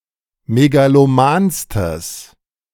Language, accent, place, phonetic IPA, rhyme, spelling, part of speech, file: German, Germany, Berlin, [meɡaloˈmaːnstəs], -aːnstəs, megalomanstes, adjective, De-megalomanstes.ogg
- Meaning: strong/mixed nominative/accusative neuter singular superlative degree of megaloman